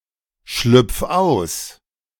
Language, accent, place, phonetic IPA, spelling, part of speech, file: German, Germany, Berlin, [ˌʃlʏp͡f ˈaʊ̯s], schlüpf aus, verb, De-schlüpf aus.ogg
- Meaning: 1. singular imperative of ausschlüpfen 2. first-person singular present of ausschlüpfen